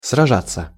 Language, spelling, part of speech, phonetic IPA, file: Russian, сражаться, verb, [srɐˈʐat͡sːə], Ru-сражаться.ogg
- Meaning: 1. to fight, to battle 2. to contend, to play 3. passive of сража́ть (sražátʹ)